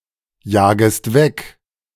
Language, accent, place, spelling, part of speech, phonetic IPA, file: German, Germany, Berlin, jagest weg, verb, [ˌjaːɡəst ˈvɛk], De-jagest weg.ogg
- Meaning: second-person singular subjunctive I of wegjagen